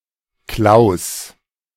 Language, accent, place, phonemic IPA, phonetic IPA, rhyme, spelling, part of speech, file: German, Germany, Berlin, /klaʊ̯s/, [kl̥äo̯s], -aʊ̯s, Klaus, proper noun / noun, De-Klaus.ogg
- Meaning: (proper noun) 1. a male given name 2. a surname 3. a municipality of Vorarlberg, Austria; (noun) kloyz (private house of study, small synagogue)